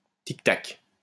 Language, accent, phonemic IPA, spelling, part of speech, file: French, France, /tik.tak/, tic-tac, noun, LL-Q150 (fra)-tic-tac.wav
- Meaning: Sound of a mechanism, ticktock